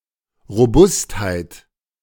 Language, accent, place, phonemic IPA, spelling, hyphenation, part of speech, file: German, Germany, Berlin, /ʁoˈbʊsthaɪ̯t/, Robustheit, Ro‧bust‧heit, noun, De-Robustheit.ogg
- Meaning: robustness